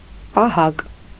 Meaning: guard, watchman
- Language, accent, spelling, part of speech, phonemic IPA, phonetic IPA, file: Armenian, Eastern Armenian, պահակ, noun, /pɑˈhɑk/, [pɑhɑ́k], Hy-պահակ.ogg